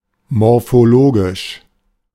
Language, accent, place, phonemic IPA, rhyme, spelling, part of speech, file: German, Germany, Berlin, /mɔʁfoˈloːɡɪʃ/, -oːɡɪʃ, morphologisch, adjective, De-morphologisch.ogg
- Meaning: morphological